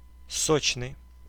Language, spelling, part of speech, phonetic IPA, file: Russian, сочный, adjective, [ˈsot͡ɕnɨj], Ru-сочный.ogg
- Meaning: 1. juicy (containing juice) 2. luscious 3. saturated